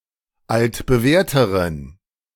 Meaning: inflection of altbewährt: 1. strong genitive masculine/neuter singular comparative degree 2. weak/mixed genitive/dative all-gender singular comparative degree
- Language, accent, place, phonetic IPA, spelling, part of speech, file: German, Germany, Berlin, [ˌaltbəˈvɛːɐ̯təʁən], altbewährteren, adjective, De-altbewährteren.ogg